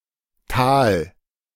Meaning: valley
- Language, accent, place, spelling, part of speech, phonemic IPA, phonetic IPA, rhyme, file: German, Germany, Berlin, Tal, noun, /taːl/, [tʰäːl], -aːl, De-Tal.ogg